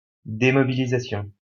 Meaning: demobilization
- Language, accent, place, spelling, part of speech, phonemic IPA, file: French, France, Lyon, démobilisation, noun, /de.mɔ.bi.li.za.sjɔ̃/, LL-Q150 (fra)-démobilisation.wav